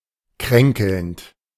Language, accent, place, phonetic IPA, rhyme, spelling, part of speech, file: German, Germany, Berlin, [ˈkʁɛŋkl̩nt], -ɛŋkl̩nt, kränkelnd, adjective / verb, De-kränkelnd.ogg
- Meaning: present participle of kränkeln